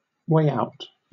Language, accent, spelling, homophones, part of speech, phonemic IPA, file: English, Southern England, way out, weigh out, noun / adjective / adverb, /weɪ ˈaʊt/, LL-Q1860 (eng)-way out.wav
- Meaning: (noun) 1. A means of exit 2. An act or instance of departure 3. A solution to a problem; an escape; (adjective) Unconventional, eccentric; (adverb) Far away; to or at a great distance